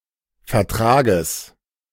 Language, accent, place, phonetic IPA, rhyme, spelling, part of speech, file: German, Germany, Berlin, [fɛɐ̯ˈtʁaːɡəs], -aːɡəs, Vertrages, noun, De-Vertrages.ogg
- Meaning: genitive singular of Vertrag